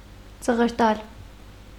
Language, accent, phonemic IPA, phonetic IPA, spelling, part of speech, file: Armenian, Eastern Armenian, /t͡səʁəɾˈtɑl/, [t͡səʁəɾtɑ́l], ծղրտալ, verb, Hy-ծղրտալ.ogg
- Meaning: 1. to screech, to squawk (of hawks, falcons, etc.) 2. to screech, to squeal (e.g., from fear, pain) 3. to shriek, to scream, to shout 4. to chirp, to twitter (of birds)